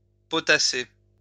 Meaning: to revise, cram (academic material, etc.)
- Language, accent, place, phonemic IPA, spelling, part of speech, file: French, France, Lyon, /pɔ.ta.se/, potasser, verb, LL-Q150 (fra)-potasser.wav